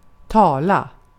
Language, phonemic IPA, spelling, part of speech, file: Swedish, /ˈtɑːˌla/, tala, verb / noun, Sv-tala.ogg
- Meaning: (verb) 1. to speak, to talk (make speech) 2. to speak (a language or the like) 3. to speak, to talk (to someone) 4. to make a speech, to speak; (noun) tala (currency of Samoa)